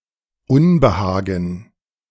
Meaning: 1. unease, uneasiness, discomfort, malaise, discomfiture 2. discontent
- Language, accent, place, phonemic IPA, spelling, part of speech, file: German, Germany, Berlin, /ˈʊnbəˌhaːɡn̩/, Unbehagen, noun, De-Unbehagen.ogg